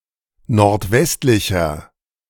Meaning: inflection of nordwestlich: 1. strong/mixed nominative masculine singular 2. strong genitive/dative feminine singular 3. strong genitive plural
- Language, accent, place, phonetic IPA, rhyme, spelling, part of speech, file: German, Germany, Berlin, [nɔʁtˈvɛstlɪçɐ], -ɛstlɪçɐ, nordwestlicher, adjective, De-nordwestlicher.ogg